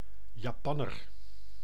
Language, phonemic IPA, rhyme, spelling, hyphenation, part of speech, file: Dutch, /jɑˈpɑnər/, -ɑnər, Japanner, Ja‧pan‧ner, noun, Nl-Japanner.ogg
- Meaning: Japanese (inhabitant of Japan; person of Japanese descent)